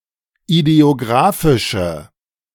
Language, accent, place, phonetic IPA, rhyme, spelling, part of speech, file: German, Germany, Berlin, [ideoˈɡʁaːfɪʃə], -aːfɪʃə, ideographische, adjective, De-ideographische.ogg
- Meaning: inflection of ideographisch: 1. strong/mixed nominative/accusative feminine singular 2. strong nominative/accusative plural 3. weak nominative all-gender singular